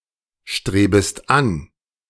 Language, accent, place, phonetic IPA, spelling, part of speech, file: German, Germany, Berlin, [ˌʃtʁeːbəst ˈan], strebest an, verb, De-strebest an.ogg
- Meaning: second-person singular subjunctive I of anstreben